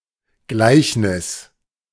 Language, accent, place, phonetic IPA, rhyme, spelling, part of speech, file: German, Germany, Berlin, [ˈɡlaɪ̯çnɪs], -aɪ̯çnɪs, Gleichnis, noun, De-Gleichnis.ogg
- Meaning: 1. parable (story meant to illustrate a point) 2. parable (story meant to illustrate a point): metaphor, illustration